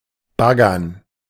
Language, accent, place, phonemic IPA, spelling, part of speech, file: German, Germany, Berlin, /ˈbaɡɐn/, baggern, verb, De-baggern.ogg
- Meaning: 1. to excavate; to dredge 2. to scoop 3. to flirt; to try to seduce